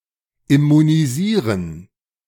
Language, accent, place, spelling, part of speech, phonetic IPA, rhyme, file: German, Germany, Berlin, immunisieren, verb, [ɪmuniˈziːʁən], -iːʁən, De-immunisieren.ogg
- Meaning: to immunize